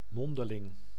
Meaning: oral
- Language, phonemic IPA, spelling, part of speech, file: Dutch, /ˈmɔndəˌlɪŋ/, mondeling, adjective / adverb, Nl-mondeling.ogg